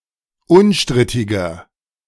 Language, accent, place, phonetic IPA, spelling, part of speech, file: German, Germany, Berlin, [ˈʊnˌʃtʁɪtɪɡɐ], unstrittiger, adjective, De-unstrittiger.ogg
- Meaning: 1. comparative degree of unstrittig 2. inflection of unstrittig: strong/mixed nominative masculine singular 3. inflection of unstrittig: strong genitive/dative feminine singular